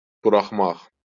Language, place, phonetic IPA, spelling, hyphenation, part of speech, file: Azerbaijani, Baku, [b(u)rɑχˈmɑχ], buraxmaq, bu‧rax‧maq, verb, LL-Q9292 (aze)-buraxmaq.wav
- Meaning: 1. to let go 2. to release 3. to let 4. to leave 5. to publish 6. to let through 7. to launch 8. to quit 9. to make a mistake. (only used in səhv buraxmaq)